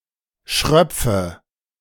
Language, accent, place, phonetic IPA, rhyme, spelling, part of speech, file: German, Germany, Berlin, [ˈʃʁœp͡fə], -œp͡fə, schröpfe, verb, De-schröpfe.ogg
- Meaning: inflection of schröpfen: 1. first-person singular present 2. first/third-person singular subjunctive I 3. singular imperative